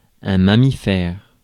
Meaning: mammal
- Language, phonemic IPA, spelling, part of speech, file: French, /ma.mi.fɛʁ/, mammifère, noun, Fr-mammifère.ogg